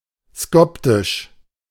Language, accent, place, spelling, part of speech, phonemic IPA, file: German, Germany, Berlin, skoptisch, adjective, /ˈskɔptɪʃ/, De-skoptisch.ogg
- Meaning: mocking